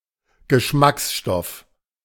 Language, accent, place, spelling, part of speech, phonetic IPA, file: German, Germany, Berlin, Geschmacksstoff, noun, [ɡəˈʃmaksˌʃtɔf], De-Geschmacksstoff.ogg
- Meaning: flavouring